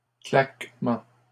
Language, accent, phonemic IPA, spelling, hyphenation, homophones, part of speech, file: French, Canada, /klak.mɑ̃/, claquements, claque‧ments, claquement, noun, LL-Q150 (fra)-claquements.wav
- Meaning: plural of claquement